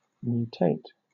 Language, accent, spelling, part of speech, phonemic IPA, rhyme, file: English, Southern England, mutate, verb, /mjuːˈteɪt/, -eɪt, LL-Q1860 (eng)-mutate.wav
- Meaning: 1. To undergo mutation 2. To cause mutation